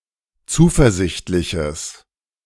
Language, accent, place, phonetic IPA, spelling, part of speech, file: German, Germany, Berlin, [ˈt͡suːfɛɐ̯ˌzɪçtlɪçəs], zuversichtliches, adjective, De-zuversichtliches.ogg
- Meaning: strong/mixed nominative/accusative neuter singular of zuversichtlich